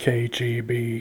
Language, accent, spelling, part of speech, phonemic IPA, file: English, US, KGB, proper noun / noun, /keɪ.d͡ʒi.biː/, KGB US.ogg
- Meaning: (proper noun) 1. The Committee for State Security of the Soviet Union (the Soviet security service) 2. The security service of Belarus; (noun) Initialism of known good board